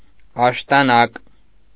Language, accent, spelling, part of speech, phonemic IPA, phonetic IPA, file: Armenian, Eastern Armenian, աշտանակ, noun, /ɑʃtɑˈnɑk/, [ɑʃtɑnɑ́k], Hy-աշտանակ.ogg
- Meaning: candlestick